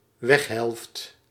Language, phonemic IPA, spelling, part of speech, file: Dutch, /ˈʋɛx.ɦɛlft/, weghelft, noun, Nl-weghelft.ogg
- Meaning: half/side of the road (part of the road with traffic going in one particular direction)